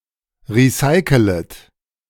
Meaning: second-person plural subjunctive I of recyceln
- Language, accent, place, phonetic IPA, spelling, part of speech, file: German, Germany, Berlin, [ˌʁiˈsaɪ̯kələt], recycelet, verb, De-recycelet.ogg